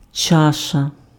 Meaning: 1. bowl 2. cup, chalice
- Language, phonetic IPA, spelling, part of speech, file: Ukrainian, [ˈt͡ʃaʃɐ], чаша, noun, Uk-чаша.ogg